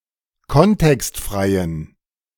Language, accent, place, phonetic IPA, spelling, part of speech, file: German, Germany, Berlin, [ˈkɔntɛkstˌfʁaɪ̯ən], kontextfreien, adjective, De-kontextfreien.ogg
- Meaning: inflection of kontextfrei: 1. strong genitive masculine/neuter singular 2. weak/mixed genitive/dative all-gender singular 3. strong/weak/mixed accusative masculine singular 4. strong dative plural